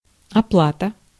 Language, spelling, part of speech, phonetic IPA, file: Russian, оплата, noun, [ɐˈpɫatə], Ru-оплата.ogg
- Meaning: payment (the act of paying)